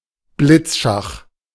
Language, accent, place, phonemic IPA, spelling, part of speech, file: German, Germany, Berlin, /ˈblɪt͡sˌʃax/, Blitzschach, noun, De-Blitzschach.ogg
- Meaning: blitz chess